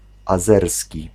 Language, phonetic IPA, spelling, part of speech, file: Polish, [aˈzɛrsʲci], azerski, adjective / noun, Pl-azerski.ogg